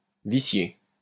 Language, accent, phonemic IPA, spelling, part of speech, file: French, France, /vi.sje/, vicier, verb, LL-Q150 (fra)-vicier.wav
- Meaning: 1. to invalidate 2. to vitiate